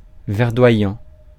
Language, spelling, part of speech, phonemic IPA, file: French, verdoyant, verb / adjective, /vɛʁ.dwa.jɑ̃/, Fr-verdoyant.ogg
- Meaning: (verb) present participle of verdoyer; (adjective) verdant